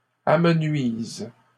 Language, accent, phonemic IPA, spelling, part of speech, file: French, Canada, /a.mə.nɥiz/, amenuisent, verb, LL-Q150 (fra)-amenuisent.wav
- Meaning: third-person plural present indicative/subjunctive of amenuiser